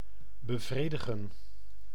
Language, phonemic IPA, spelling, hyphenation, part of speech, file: Dutch, /bəˈvreːdəɣə(n)/, bevredigen, be‧vre‧di‧gen, verb, Nl-bevredigen.ogg
- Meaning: 1. to satisfy, to satiate 2. to pacify